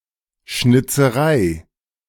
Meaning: carving
- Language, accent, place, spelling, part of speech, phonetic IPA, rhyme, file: German, Germany, Berlin, Schnitzerei, noun, [ˌʃnɪt͡səˈʁaɪ̯], -aɪ̯, De-Schnitzerei.ogg